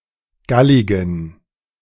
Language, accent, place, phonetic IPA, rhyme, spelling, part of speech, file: German, Germany, Berlin, [ˈɡalɪɡn̩], -alɪɡn̩, galligen, adjective, De-galligen.ogg
- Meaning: inflection of gallig: 1. strong genitive masculine/neuter singular 2. weak/mixed genitive/dative all-gender singular 3. strong/weak/mixed accusative masculine singular 4. strong dative plural